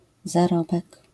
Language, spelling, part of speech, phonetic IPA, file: Polish, zarobek, noun, [zaˈrɔbɛk], LL-Q809 (pol)-zarobek.wav